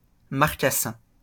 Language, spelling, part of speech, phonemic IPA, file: French, marcassin, noun, /maʁ.ka.sɛ̃/, LL-Q150 (fra)-marcassin.wav
- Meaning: young wild boar, marcassin